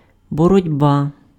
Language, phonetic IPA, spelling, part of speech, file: Ukrainian, [bɔrɔdʲˈba], боротьба, noun, Uk-боротьба.ogg
- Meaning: 1. fight, struggle 2. wrestling